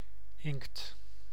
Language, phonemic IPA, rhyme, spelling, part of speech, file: Dutch, /ɪŋkt/, -ɪŋkt, inkt, noun, Nl-inkt.ogg
- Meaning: ink (coloured fluid used for writing, painting etc.)